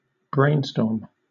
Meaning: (verb) 1. To investigate something, or solve a problem using brainstorming 2. To participate in a brainstorming session 3. To think up (ideas); especially, to do so creatively
- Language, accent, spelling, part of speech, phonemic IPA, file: English, Southern England, brainstorm, verb / noun, /ˈbɹeɪnstɔːm/, LL-Q1860 (eng)-brainstorm.wav